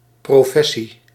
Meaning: 1. profession, occupation (line of work) 2. profession, avowal (declaration of belief)
- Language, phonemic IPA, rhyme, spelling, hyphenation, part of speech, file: Dutch, /ˌproːˈfɛ.si/, -ɛsi, professie, pro‧fes‧sie, noun, Nl-professie.ogg